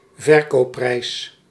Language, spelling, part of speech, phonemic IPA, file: Dutch, verkoopprijs, noun, /vərˈkoːˌprɛi̯s/, Nl-verkoopprijs.ogg
- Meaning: bidding price